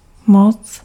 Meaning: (noun) 1. power (control and influence over another) 2. potency 3. force, forcefulness 4. strength 5. clout 6. might 7. sway 8. authority, mastership 9. warrant; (adverb) too (to an excessive degree)
- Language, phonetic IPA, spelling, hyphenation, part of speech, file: Czech, [ˈmot͡s], moc, moc, noun / adverb, Cs-moc.ogg